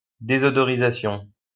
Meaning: deodourization
- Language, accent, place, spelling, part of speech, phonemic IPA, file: French, France, Lyon, désodorisation, noun, /de.zɔ.dɔ.ʁi.za.sjɔ̃/, LL-Q150 (fra)-désodorisation.wav